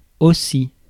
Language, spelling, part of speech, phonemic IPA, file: French, aussi, adverb / conjunction, /o.si/, Fr-aussi.ogg
- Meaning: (adverb) 1. too, also, as well 2. as (used for equal comparisons); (conjunction) therefore